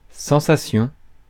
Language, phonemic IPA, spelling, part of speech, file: French, /sɑ̃.sa.sjɔ̃/, sensation, noun, Fr-sensation.ogg
- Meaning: sensation